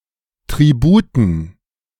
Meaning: dative plural of Tribut
- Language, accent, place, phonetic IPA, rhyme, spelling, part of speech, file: German, Germany, Berlin, [tʁiˈbuːtn̩], -uːtn̩, Tributen, noun, De-Tributen.ogg